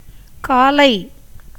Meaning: 1. morning, AM 2. accusative singular of கால் (kāl)
- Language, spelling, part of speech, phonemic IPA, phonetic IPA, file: Tamil, காலை, noun, /kɑːlɐɪ̯/, [käːlɐɪ̯], Ta-காலை.ogg